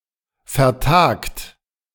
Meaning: 1. past participle of vertagen 2. inflection of vertagen: third-person singular present 3. inflection of vertagen: second-person plural present 4. inflection of vertagen: plural imperative
- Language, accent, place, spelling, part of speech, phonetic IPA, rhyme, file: German, Germany, Berlin, vertagt, verb, [fɛɐ̯ˈtaːkt], -aːkt, De-vertagt.ogg